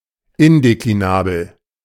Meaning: indeclinable, undeclinable
- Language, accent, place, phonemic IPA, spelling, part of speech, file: German, Germany, Berlin, /ˈɪndekliˌnaːbl̩/, indeklinabel, adjective, De-indeklinabel.ogg